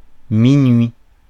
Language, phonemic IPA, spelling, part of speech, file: French, /mi.nɥi/, minuit, noun, Fr-minuit.ogg
- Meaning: midnight